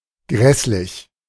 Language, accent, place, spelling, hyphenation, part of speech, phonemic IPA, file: German, Germany, Berlin, grässlich, gräss‧lich, adjective, /ˈɡʁɛslɪç/, De-grässlich.ogg
- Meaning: ghastly, horrific